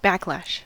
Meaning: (noun) 1. A suddenly reversed or backward motion, such as of a rope or elastic band when it snaps under tension 2. A negative reaction, objection or outcry, especially of a violent or abrupt nature
- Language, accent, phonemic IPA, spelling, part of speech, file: English, US, /ˈbækˌlæʃ/, backlash, noun / verb, En-us-backlash.ogg